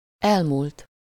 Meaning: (verb) 1. third-person singular indicative past of elmúlik 2. past participle of elmúlik; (adjective) past, last
- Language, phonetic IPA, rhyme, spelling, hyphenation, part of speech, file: Hungarian, [ˈɛlmuːlt], -uːlt, elmúlt, el‧múlt, verb / adjective, Hu-elmúlt.ogg